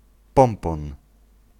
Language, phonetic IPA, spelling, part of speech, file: Polish, [ˈpɔ̃mpɔ̃n], pompon, noun, Pl-pompon.ogg